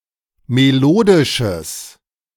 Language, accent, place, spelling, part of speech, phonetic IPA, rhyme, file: German, Germany, Berlin, melodisches, adjective, [meˈloːdɪʃəs], -oːdɪʃəs, De-melodisches.ogg
- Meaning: strong/mixed nominative/accusative neuter singular of melodisch